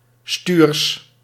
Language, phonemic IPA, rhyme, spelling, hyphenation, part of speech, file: Dutch, /styːrs/, -yːrs, stuurs, stuurs, adjective, Nl-stuurs.ogg
- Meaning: curmudgeonly, moody, dour, cranky